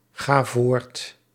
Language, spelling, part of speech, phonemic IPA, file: Dutch, ga voort, verb, /ˈɣa ˈvort/, Nl-ga voort.ogg
- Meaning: inflection of voortgaan: 1. first-person singular present indicative 2. second-person singular present indicative 3. imperative 4. singular present subjunctive